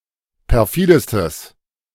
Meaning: strong/mixed nominative/accusative neuter singular superlative degree of perfide
- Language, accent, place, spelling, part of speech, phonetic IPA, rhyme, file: German, Germany, Berlin, perfidestes, adjective, [pɛʁˈfiːdəstəs], -iːdəstəs, De-perfidestes.ogg